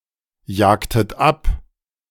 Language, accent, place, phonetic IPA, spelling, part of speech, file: German, Germany, Berlin, [ˌjaːktət ˈap], jagtet ab, verb, De-jagtet ab.ogg
- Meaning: inflection of abjagen: 1. second-person plural preterite 2. second-person plural subjunctive II